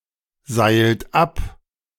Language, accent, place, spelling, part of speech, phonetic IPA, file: German, Germany, Berlin, seilt ab, verb, [ˌzaɪ̯lt ˈap], De-seilt ab.ogg
- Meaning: inflection of abseilen: 1. second-person plural present 2. third-person singular present 3. plural imperative